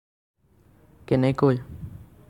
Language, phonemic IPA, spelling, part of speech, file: Assamese, /kɛ.nɛ.koi/, কেনেকৈ, adverb, As-কেনেকৈ.ogg
- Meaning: how